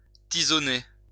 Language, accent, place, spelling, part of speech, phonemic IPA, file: French, France, Lyon, tisonner, verb, /ti.zɔ.ne/, LL-Q150 (fra)-tisonner.wav
- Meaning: to poke